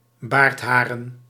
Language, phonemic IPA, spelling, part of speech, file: Dutch, /ˈbartharə(n)/, baardharen, noun, Nl-baardharen.ogg
- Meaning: plural of baardhaar